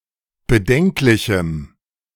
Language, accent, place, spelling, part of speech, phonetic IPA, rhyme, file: German, Germany, Berlin, bedenklichem, adjective, [bəˈdɛŋklɪçm̩], -ɛŋklɪçm̩, De-bedenklichem.ogg
- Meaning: strong dative masculine/neuter singular of bedenklich